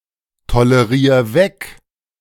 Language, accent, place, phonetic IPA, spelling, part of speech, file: German, Germany, Berlin, [toləˌʁiːɐ̯ ˈvɛk], tolerier weg, verb, De-tolerier weg.ogg
- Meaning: 1. singular imperative of wegtolerieren 2. first-person singular present of wegtolerieren